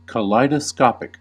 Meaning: 1. Of, relating to, or produced by a kaleidoscope 2. Brightly coloured and continuously changing in pattern, as if in a kaleidoscope
- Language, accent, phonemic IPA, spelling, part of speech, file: English, US, /kəˌlaɪdəˈskɑːpɪk/, kaleidoscopic, adjective, En-us-kaleidoscopic.ogg